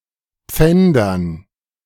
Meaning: dative plural of Pfand
- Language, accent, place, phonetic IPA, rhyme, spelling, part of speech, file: German, Germany, Berlin, [ˈp͡fɛndɐn], -ɛndɐn, Pfändern, noun, De-Pfändern.ogg